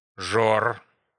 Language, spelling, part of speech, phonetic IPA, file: Russian, жор, noun, [ʐor], Ru-жор.ogg
- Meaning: 1. feeding period (of fish) 2. voracious appetite, munchies